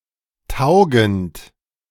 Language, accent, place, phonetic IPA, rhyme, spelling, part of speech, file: German, Germany, Berlin, [ˈtaʊ̯ɡn̩t], -aʊ̯ɡn̩t, taugend, verb, De-taugend.ogg
- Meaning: present participle of taugen